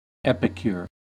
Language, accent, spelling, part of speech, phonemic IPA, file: English, US, epicure, noun, /ˈɛpɪkjʊɹ/, En-us-epicure.ogg
- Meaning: A person who takes particular pleasure in fine food and drink